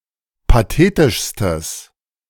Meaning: strong/mixed nominative/accusative neuter singular superlative degree of pathetisch
- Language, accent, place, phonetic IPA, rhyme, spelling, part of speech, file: German, Germany, Berlin, [paˈteːtɪʃstəs], -eːtɪʃstəs, pathetischstes, adjective, De-pathetischstes.ogg